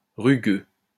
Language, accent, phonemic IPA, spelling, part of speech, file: French, France, /ʁy.ɡø/, rugueux, adjective, LL-Q150 (fra)-rugueux.wav
- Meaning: rough